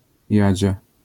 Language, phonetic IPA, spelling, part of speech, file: Polish, [ˈjäd͡ʑa], Jadzia, proper noun, LL-Q809 (pol)-Jadzia.wav